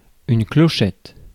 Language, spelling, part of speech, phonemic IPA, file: French, clochette, noun, /klɔ.ʃɛt/, Fr-clochette.ogg
- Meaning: 1. bell 2. synonym of campanule (“bellflower”) (Campanula)